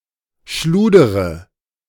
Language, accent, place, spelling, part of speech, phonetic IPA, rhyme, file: German, Germany, Berlin, schludere, verb, [ˈʃluːdəʁə], -uːdəʁə, De-schludere.ogg
- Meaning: inflection of schludern: 1. first-person singular present 2. first-person plural subjunctive I 3. third-person singular subjunctive I 4. singular imperative